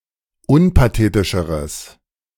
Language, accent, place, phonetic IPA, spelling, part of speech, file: German, Germany, Berlin, [ˈʊnpaˌteːtɪʃəʁəs], unpathetischeres, adjective, De-unpathetischeres.ogg
- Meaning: strong/mixed nominative/accusative neuter singular comparative degree of unpathetisch